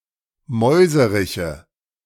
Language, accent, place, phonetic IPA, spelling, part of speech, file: German, Germany, Berlin, [ˈmɔɪ̯zəʁɪçə], Mäuseriche, noun, De-Mäuseriche.ogg
- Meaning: nominative/accusative/genitive plural of Mäuserich